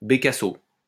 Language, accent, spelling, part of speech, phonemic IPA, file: French, France, bécasseau, noun, /be.ka.so/, LL-Q150 (fra)-bécasseau.wav
- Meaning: stint, sandpiper (bird of genus Calidris)